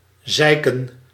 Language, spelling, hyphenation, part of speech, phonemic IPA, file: Dutch, zeiken, zei‧ken, verb, /ˈzɛi̯.kə(n)/, Nl-zeiken.ogg
- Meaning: 1. to piss 2. to rain 3. to whine, to nag, to complain